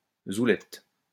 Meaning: a woman from the banlieues (poor, working-class suburbs)
- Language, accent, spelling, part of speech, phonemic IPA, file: French, France, zoulette, noun, /zu.lɛt/, LL-Q150 (fra)-zoulette.wav